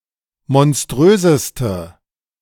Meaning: inflection of monströs: 1. strong/mixed nominative/accusative feminine singular superlative degree 2. strong nominative/accusative plural superlative degree
- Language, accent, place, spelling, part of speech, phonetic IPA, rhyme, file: German, Germany, Berlin, monströseste, adjective, [mɔnˈstʁøːzəstə], -øːzəstə, De-monströseste.ogg